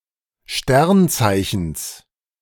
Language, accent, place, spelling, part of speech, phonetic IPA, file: German, Germany, Berlin, Sternzeichens, noun, [ˈʃtɛʁnˌt͡saɪ̯çn̩s], De-Sternzeichens.ogg
- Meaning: genitive singular of Sternzeichen